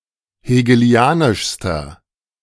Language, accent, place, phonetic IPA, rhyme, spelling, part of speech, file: German, Germany, Berlin, [heːɡəˈli̯aːnɪʃstɐ], -aːnɪʃstɐ, hegelianischster, adjective, De-hegelianischster.ogg
- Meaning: inflection of hegelianisch: 1. strong/mixed nominative masculine singular superlative degree 2. strong genitive/dative feminine singular superlative degree 3. strong genitive plural superlative degree